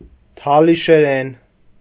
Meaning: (noun) Talysh (language); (adverb) in Talysh; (adjective) Talysh (of or pertaining to the language)
- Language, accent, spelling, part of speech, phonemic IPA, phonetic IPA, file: Armenian, Eastern Armenian, թալիշերեն, noun / adverb / adjective, /tʰɑliʃeˈɾen/, [tʰɑliʃeɾén], Hy-թալիշերեն.ogg